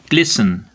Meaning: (verb) To reflect light with a glittering luster; to sparkle, coruscate, glint or flash; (noun) A glistening shine from a wet surface
- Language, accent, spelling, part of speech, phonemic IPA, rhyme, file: English, UK, glisten, verb / noun, /ˈɡlɪsən/, -ɪsən, En-uk-glisten.ogg